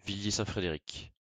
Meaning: a male given name, feminine equivalent Frédérique, equivalent to English Frederick
- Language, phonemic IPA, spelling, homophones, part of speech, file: French, /fʁe.de.ʁik/, Frédéric, Frédérick / Frédérique, proper noun, LL-Q150 (fra)-Frédéric.wav